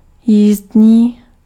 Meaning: riding (having to do with a ride)
- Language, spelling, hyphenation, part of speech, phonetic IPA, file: Czech, jízdní, jízd‧ní, adjective, [ˈjiːzdɲiː], Cs-jízdní.ogg